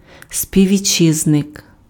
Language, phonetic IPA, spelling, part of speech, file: Ukrainian, [sʲpʲiʋʲːiˈt͡ʃːɪznek], співвітчизник, noun, Uk-співвітчизник.ogg
- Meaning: compatriot, fellow countryman